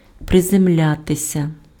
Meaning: to land, to touch down, to alight (descend onto a surface, especially from the air)
- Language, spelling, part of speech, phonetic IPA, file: Ukrainian, приземлятися, verb, [prezemˈlʲatesʲɐ], Uk-приземлятися.ogg